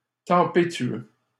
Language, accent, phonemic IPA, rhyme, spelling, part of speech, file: French, Canada, /tɑ̃.pe.tɥø/, -ø, tempétueux, adjective, LL-Q150 (fra)-tempétueux.wav
- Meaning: 1. tempestuous, stormy 2. storm-racked; agitated by a storm